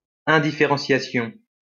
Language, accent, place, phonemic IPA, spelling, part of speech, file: French, France, Lyon, /ɛ̃.di.fe.ʁɑ̃.sja.sjɔ̃/, indifférenciation, noun, LL-Q150 (fra)-indifférenciation.wav
- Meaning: indifferentiation